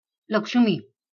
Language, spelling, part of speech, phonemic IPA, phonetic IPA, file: Marathi, लक्ष्मी, proper noun, /lək.ʂmi/, [lək.ʂmiː], LL-Q1571 (mar)-लक्ष्मी.wav
- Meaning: 1. Lakshmi 2. a female given name, Lakshmi, from Sanskrit